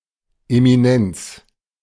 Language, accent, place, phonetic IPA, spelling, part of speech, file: German, Germany, Berlin, [emiˈnɛnt͡s], Eminenz, noun, De-Eminenz.ogg
- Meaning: 1. eminence 2. Eminence